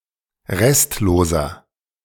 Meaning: inflection of restlos: 1. strong/mixed nominative masculine singular 2. strong genitive/dative feminine singular 3. strong genitive plural
- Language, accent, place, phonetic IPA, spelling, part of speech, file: German, Germany, Berlin, [ˈʁɛstloːzɐ], restloser, adjective, De-restloser.ogg